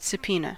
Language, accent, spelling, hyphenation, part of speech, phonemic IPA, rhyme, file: English, General American, subpoena, sub‧poe‧na, noun / verb, /sə(b)ˈpi.nə/, -iːnə, En-us-subpoena.ogg